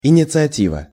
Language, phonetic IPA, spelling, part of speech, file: Russian, [ɪnʲɪt͡sɨɐˈtʲivə], инициатива, noun, Ru-инициатива.ogg
- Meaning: initiative